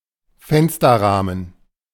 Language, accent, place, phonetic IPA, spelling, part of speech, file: German, Germany, Berlin, [ˈfɛnstɐˌʁaːmən], Fensterrahmen, noun, De-Fensterrahmen.ogg
- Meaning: window frame